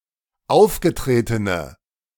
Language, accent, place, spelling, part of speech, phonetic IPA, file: German, Germany, Berlin, aufgetretene, adjective, [ˈaʊ̯fɡəˌtʁeːtənə], De-aufgetretene.ogg
- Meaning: inflection of aufgetreten: 1. strong/mixed nominative/accusative feminine singular 2. strong nominative/accusative plural 3. weak nominative all-gender singular